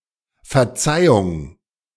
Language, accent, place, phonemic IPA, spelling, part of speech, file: German, Germany, Berlin, /fɛɐ̯ˈtsaɪ̯ʊŋ/, Verzeihung, noun / interjection, De-Verzeihung.ogg
- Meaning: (noun) forgiveness; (interjection) Used to get someone's attention. excuse me, pardon me